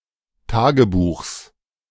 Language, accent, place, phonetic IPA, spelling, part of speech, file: German, Germany, Berlin, [ˈtaːɡəˌbuːxs], Tagebuchs, noun, De-Tagebuchs.ogg
- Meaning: genitive singular of Tagebuch